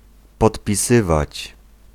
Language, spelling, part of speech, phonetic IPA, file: Polish, podpisywać, verb, [ˌpɔtpʲiˈsɨvat͡ɕ], Pl-podpisywać.ogg